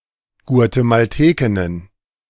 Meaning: plural of Guatemaltekin
- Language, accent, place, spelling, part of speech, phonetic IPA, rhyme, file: German, Germany, Berlin, Guatemaltekinnen, noun, [ɡu̯atemalˈteːkɪnən], -eːkɪnən, De-Guatemaltekinnen.ogg